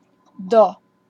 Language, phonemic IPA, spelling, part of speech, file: Slovak, /ˈdɔ/, do, preposition, SK-do.ogg
- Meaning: into, in, to, until